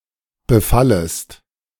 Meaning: second-person singular subjunctive I of befallen
- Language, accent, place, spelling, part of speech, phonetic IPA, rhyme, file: German, Germany, Berlin, befallest, verb, [bəˈfaləst], -aləst, De-befallest.ogg